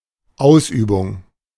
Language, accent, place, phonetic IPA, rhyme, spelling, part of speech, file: German, Germany, Berlin, [ˈaʊ̯sˌʔyːbʊŋ], -aʊ̯sʔyːbʊŋ, Ausübung, noun, De-Ausübung.ogg
- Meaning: practice, exertion